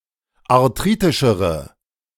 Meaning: inflection of arthritisch: 1. strong/mixed nominative/accusative feminine singular comparative degree 2. strong nominative/accusative plural comparative degree
- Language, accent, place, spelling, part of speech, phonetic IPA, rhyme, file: German, Germany, Berlin, arthritischere, adjective, [aʁˈtʁiːtɪʃəʁə], -iːtɪʃəʁə, De-arthritischere.ogg